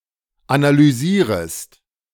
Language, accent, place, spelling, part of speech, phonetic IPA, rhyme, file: German, Germany, Berlin, analysierest, verb, [analyˈziːʁəst], -iːʁəst, De-analysierest.ogg
- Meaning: second-person singular subjunctive I of analysieren